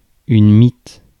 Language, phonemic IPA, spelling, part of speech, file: French, /mit/, mite, noun / verb, Fr-mite.ogg
- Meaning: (noun) 1. mite (arachnid) 2. moth, particularly one whose larva destroys something stored by humans; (verb) inflection of miter: first/third-person singular present indicative/subjunctive